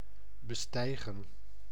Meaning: 1. to mount 2. to climb, to ascend
- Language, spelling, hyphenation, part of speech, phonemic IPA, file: Dutch, bestijgen, be‧stij‧gen, verb, /bəˈstɛi̯ɣə(n)/, Nl-bestijgen.ogg